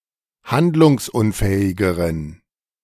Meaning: inflection of handlungsunfähig: 1. strong genitive masculine/neuter singular comparative degree 2. weak/mixed genitive/dative all-gender singular comparative degree
- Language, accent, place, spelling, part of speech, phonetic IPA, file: German, Germany, Berlin, handlungsunfähigeren, adjective, [ˈhandlʊŋsˌʔʊnfɛːɪɡəʁən], De-handlungsunfähigeren.ogg